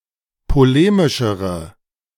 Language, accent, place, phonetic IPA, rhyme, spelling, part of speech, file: German, Germany, Berlin, [poˈleːmɪʃəʁə], -eːmɪʃəʁə, polemischere, adjective, De-polemischere.ogg
- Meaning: inflection of polemisch: 1. strong/mixed nominative/accusative feminine singular comparative degree 2. strong nominative/accusative plural comparative degree